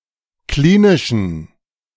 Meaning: inflection of klinisch: 1. strong genitive masculine/neuter singular 2. weak/mixed genitive/dative all-gender singular 3. strong/weak/mixed accusative masculine singular 4. strong dative plural
- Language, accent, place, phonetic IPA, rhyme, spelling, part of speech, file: German, Germany, Berlin, [ˈkliːnɪʃn̩], -iːnɪʃn̩, klinischen, adjective, De-klinischen.ogg